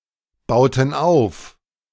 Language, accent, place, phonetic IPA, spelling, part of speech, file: German, Germany, Berlin, [ˌbaʊ̯tn̩ ˈaʊ̯f], bauten auf, verb, De-bauten auf.ogg
- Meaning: inflection of aufbauen: 1. first/third-person plural preterite 2. first/third-person plural subjunctive II